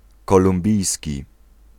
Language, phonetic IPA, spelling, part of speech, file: Polish, [ˌkɔlũmˈbʲijsʲci], kolumbijski, adjective, Pl-kolumbijski.ogg